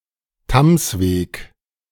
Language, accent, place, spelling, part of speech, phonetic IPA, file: German, Germany, Berlin, Tamsweg, proper noun, [ˈtamsˌveːk], De-Tamsweg.ogg
- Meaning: 1. a political district in the federal state of Salzburg in Austria; congruent with the geographical region of Lungau 2. a municipality and market town in Tamsweg district, Salzburg, Austria